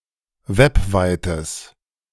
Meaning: strong/mixed nominative/accusative neuter singular of webweit
- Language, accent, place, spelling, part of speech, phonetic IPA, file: German, Germany, Berlin, webweites, adjective, [ˈvɛpˌvaɪ̯təs], De-webweites.ogg